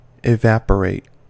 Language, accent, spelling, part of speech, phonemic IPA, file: English, US, evaporate, verb / adjective, /ɪˈvæp.ə.ɹeɪt/, En-us-evaporate.ogg
- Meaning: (verb) 1. To transition from a liquid state into a gaseous state 2. To expel moisture from (usually by means of artificial heat), leaving the solid portion 3. To give vent to; to dissipate